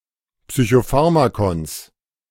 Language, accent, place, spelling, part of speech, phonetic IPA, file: German, Germany, Berlin, Psychopharmakons, noun, [psyçoˈfaʁmakɔns], De-Psychopharmakons.ogg
- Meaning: genitive singular of Psychopharmakon